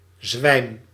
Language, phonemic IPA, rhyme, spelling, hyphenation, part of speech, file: Dutch, /zʋɛi̯m/, -ɛi̯m, zwijm, zwijm, noun, Nl-zwijm.ogg
- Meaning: weakened or lost consciousness, swoon